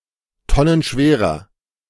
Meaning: inflection of tonnenschwer: 1. strong/mixed nominative masculine singular 2. strong genitive/dative feminine singular 3. strong genitive plural
- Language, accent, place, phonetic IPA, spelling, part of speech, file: German, Germany, Berlin, [ˈtɔnənˌʃveːʁɐ], tonnenschwerer, adjective, De-tonnenschwerer.ogg